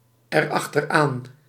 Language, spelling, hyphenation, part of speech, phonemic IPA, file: Dutch, erachteraan, er‧ach‧ter‧aan, adverb, /ər.ɑx.tərˈaːn/, Nl-erachteraan.ogg
- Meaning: pronominal adverb form of achteraan + het